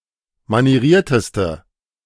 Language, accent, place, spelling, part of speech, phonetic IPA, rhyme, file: German, Germany, Berlin, manierierteste, adjective, [maniˈʁiːɐ̯təstə], -iːɐ̯təstə, De-manierierteste.ogg
- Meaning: inflection of manieriert: 1. strong/mixed nominative/accusative feminine singular superlative degree 2. strong nominative/accusative plural superlative degree